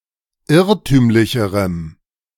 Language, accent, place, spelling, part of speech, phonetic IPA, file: German, Germany, Berlin, irrtümlicherem, adjective, [ˈɪʁtyːmlɪçəʁəm], De-irrtümlicherem.ogg
- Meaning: strong dative masculine/neuter singular comparative degree of irrtümlich